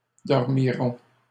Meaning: third-person plural future of dormir
- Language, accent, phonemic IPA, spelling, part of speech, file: French, Canada, /dɔʁ.mi.ʁɔ̃/, dormiront, verb, LL-Q150 (fra)-dormiront.wav